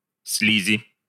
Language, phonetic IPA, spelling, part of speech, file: Russian, [ˈs⁽ʲ⁾lʲizʲɪ], слизи, noun, Ru-слизи.ogg
- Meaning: inflection of слизь (slizʹ): 1. genitive/dative/prepositional singular 2. nominative/accusative plural